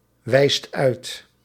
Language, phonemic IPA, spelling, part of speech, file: Dutch, /ˈwɛist ˈœyt/, wijst uit, verb, Nl-wijst uit.ogg
- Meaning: inflection of uitwijzen: 1. second/third-person singular present indicative 2. plural imperative